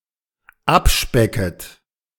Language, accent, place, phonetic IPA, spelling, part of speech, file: German, Germany, Berlin, [ˈapˌʃpɛkət], abspecket, verb, De-abspecket.ogg
- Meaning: second-person plural dependent subjunctive I of abspecken